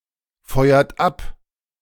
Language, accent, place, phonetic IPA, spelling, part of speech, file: German, Germany, Berlin, [ˌfɔɪ̯ɐt ˈap], feuert ab, verb, De-feuert ab.ogg
- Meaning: inflection of abfeuern: 1. third-person singular present 2. second-person plural present 3. plural imperative